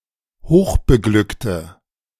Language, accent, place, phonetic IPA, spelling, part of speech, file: German, Germany, Berlin, [ˈhoːxbəˌɡlʏktə], hochbeglückte, adjective, De-hochbeglückte.ogg
- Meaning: inflection of hochbeglückt: 1. strong/mixed nominative/accusative feminine singular 2. strong nominative/accusative plural 3. weak nominative all-gender singular